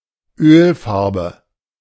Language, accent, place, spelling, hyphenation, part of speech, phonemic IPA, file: German, Germany, Berlin, Ölfarbe, Öl‧far‧be, noun, /ˈøːlˌfaʁbə/, De-Ölfarbe.ogg
- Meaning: oil paint